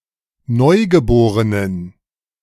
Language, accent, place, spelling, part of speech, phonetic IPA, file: German, Germany, Berlin, Neugeborenen, noun, [ˈnɔɪ̯ɡəˌboːʁənən], De-Neugeborenen.ogg
- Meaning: inflection of Neugeborenes: 1. strong genitive singular 2. strong dative plural 3. weak/mixed genitive/dative singular 4. weak/mixed all-case plural